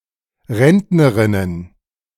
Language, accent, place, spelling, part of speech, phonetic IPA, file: German, Germany, Berlin, Rentnerinnen, noun, [ˈʁɛntnəʁɪnən], De-Rentnerinnen.ogg
- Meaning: plural of Rentnerin